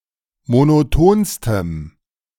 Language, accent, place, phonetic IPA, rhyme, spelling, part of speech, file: German, Germany, Berlin, [monoˈtoːnstəm], -oːnstəm, monotonstem, adjective, De-monotonstem.ogg
- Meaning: strong dative masculine/neuter singular superlative degree of monoton